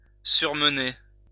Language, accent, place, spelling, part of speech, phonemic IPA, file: French, France, Lyon, surmener, verb, /syʁ.mə.ne/, LL-Q150 (fra)-surmener.wav
- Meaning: to overwork